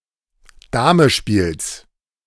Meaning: genitive singular of Damespiel
- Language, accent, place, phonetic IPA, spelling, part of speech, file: German, Germany, Berlin, [ˈdaːməˌʃpiːls], Damespiels, noun, De-Damespiels.ogg